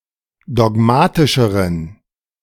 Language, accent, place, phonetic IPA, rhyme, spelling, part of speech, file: German, Germany, Berlin, [dɔˈɡmaːtɪʃəʁən], -aːtɪʃəʁən, dogmatischeren, adjective, De-dogmatischeren.ogg
- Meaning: inflection of dogmatisch: 1. strong genitive masculine/neuter singular comparative degree 2. weak/mixed genitive/dative all-gender singular comparative degree